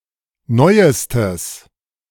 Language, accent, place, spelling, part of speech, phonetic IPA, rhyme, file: German, Germany, Berlin, neuestes, adjective, [ˈnɔɪ̯əstəs], -ɔɪ̯əstəs, De-neuestes.ogg
- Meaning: strong/mixed nominative/accusative neuter singular superlative degree of neu